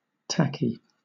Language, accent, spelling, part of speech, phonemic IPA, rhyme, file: English, Southern England, tacky, adjective, /ˈtæki/, -æki, LL-Q1860 (eng)-tacky.wav
- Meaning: Of a substance, slightly sticky